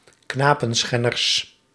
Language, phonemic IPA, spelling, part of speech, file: Dutch, /ˈknapə(n)ˌsxɛnərs/, knapenschenners, noun, Nl-knapenschenners.ogg
- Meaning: plural of knapenschenner